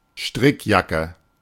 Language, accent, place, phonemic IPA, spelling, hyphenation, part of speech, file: German, Germany, Berlin, /ˈʃtʁɪkˌjakə/, Strickjacke, Strick‧ja‧cke, noun, De-Strickjacke.ogg
- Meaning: cardigan